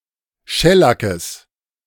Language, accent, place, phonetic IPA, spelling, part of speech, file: German, Germany, Berlin, [ˈʃɛlakəs], Schellackes, noun, De-Schellackes.ogg
- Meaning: genitive singular of Schellack